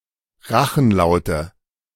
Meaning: nominative/accusative/genitive plural of Rachenlaut
- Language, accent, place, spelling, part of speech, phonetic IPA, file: German, Germany, Berlin, Rachenlaute, noun, [ˈʁaxn̩ˌlaʊ̯tə], De-Rachenlaute.ogg